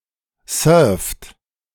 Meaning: inflection of surfen: 1. third-person singular present 2. second-person plural present 3. plural imperative
- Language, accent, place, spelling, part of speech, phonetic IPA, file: German, Germany, Berlin, surft, verb, [sœːɐ̯ft], De-surft.ogg